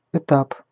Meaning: 1. step, stage 2. base 3. transport 4. étape (a rest point for a group of escorted or transported convicts, e.g. from one prison to another)
- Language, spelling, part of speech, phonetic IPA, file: Russian, этап, noun, [ɪˈtap], Ru-этап.ogg